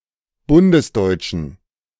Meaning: inflection of bundesdeutsch: 1. strong genitive masculine/neuter singular 2. weak/mixed genitive/dative all-gender singular 3. strong/weak/mixed accusative masculine singular 4. strong dative plural
- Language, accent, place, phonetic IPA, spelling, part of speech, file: German, Germany, Berlin, [ˈbʊndəsˌdɔɪ̯t͡ʃn̩], bundesdeutschen, adjective, De-bundesdeutschen.ogg